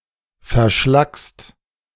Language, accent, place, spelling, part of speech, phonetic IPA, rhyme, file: German, Germany, Berlin, verschlackst, verb, [fɛɐ̯ˈʃlakst], -akst, De-verschlackst.ogg
- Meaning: second-person singular present of verschlacken